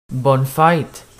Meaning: 1. happy birthday 2. happy name day
- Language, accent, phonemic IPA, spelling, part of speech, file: French, Quebec, /bɔn fɛːt/, bonne fête, interjection, Qc-bonne fête.ogg